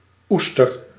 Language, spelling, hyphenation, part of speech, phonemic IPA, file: Dutch, oester, oes‧ter, noun, /ˈustər/, Nl-oester.ogg
- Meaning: oyster (mollusc of the family Ostreidae)